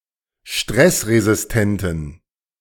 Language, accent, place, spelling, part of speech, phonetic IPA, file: German, Germany, Berlin, stressresistenten, adjective, [ˈʃtʁɛsʁezɪsˌtɛntn̩], De-stressresistenten.ogg
- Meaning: inflection of stressresistent: 1. strong genitive masculine/neuter singular 2. weak/mixed genitive/dative all-gender singular 3. strong/weak/mixed accusative masculine singular 4. strong dative plural